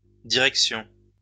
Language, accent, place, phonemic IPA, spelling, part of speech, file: French, France, Lyon, /di.ʁɛk.sjɔ̃/, directions, noun, LL-Q150 (fra)-directions.wav
- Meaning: plural of direction